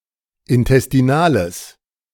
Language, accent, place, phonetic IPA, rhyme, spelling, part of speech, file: German, Germany, Berlin, [ɪntɛstiˈnaːləs], -aːləs, intestinales, adjective, De-intestinales.ogg
- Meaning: strong/mixed nominative/accusative neuter singular of intestinal